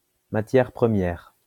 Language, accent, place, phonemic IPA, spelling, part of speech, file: French, France, Lyon, /ma.tjɛʁ pʁə.mjɛʁ/, matière première, noun, LL-Q150 (fra)-matière première.wav
- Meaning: raw material